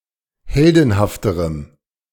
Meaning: strong dative masculine/neuter singular comparative degree of heldenhaft
- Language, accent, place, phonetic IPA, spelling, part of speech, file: German, Germany, Berlin, [ˈhɛldn̩haftəʁəm], heldenhafterem, adjective, De-heldenhafterem.ogg